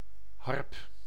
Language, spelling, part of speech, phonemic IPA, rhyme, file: Dutch, harp, noun, /ɦɑrp/, -ɑrp, Nl-harp.ogg
- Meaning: harp